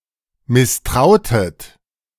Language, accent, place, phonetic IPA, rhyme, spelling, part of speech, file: German, Germany, Berlin, [mɪsˈtʁaʊ̯tət], -aʊ̯tət, misstrautet, verb, De-misstrautet.ogg
- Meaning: inflection of misstrauen: 1. second-person plural preterite 2. second-person plural subjunctive II